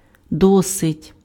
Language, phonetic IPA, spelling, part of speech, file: Ukrainian, [ˈdɔsetʲ], досить, adverb / adjective / interjection, Uk-досить.ogg
- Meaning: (adverb) 1. enough, sufficiently 2. fairly, pretty, quite, rather (somewhat, to a certain degree); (adjective) it is enough (of), enough (of); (interjection) enough!, stop!, quit it!